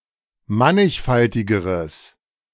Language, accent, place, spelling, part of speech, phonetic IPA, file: German, Germany, Berlin, mannigfaltigeres, adjective, [ˈmanɪçˌfaltɪɡəʁəs], De-mannigfaltigeres.ogg
- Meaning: strong/mixed nominative/accusative neuter singular comparative degree of mannigfaltig